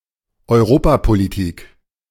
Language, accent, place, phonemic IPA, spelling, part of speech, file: German, Germany, Berlin, /ɔɪ̯ˈroːpapoliˌtiːk/, Europapolitik, noun, De-Europapolitik.ogg
- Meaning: European politics